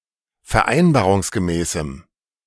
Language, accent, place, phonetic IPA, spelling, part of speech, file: German, Germany, Berlin, [fɛɐ̯ˈʔaɪ̯nbaːʁʊŋsɡəˌmɛːsm̩], vereinbarungsgemäßem, adjective, De-vereinbarungsgemäßem.ogg
- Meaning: strong dative masculine/neuter singular of vereinbarungsgemäß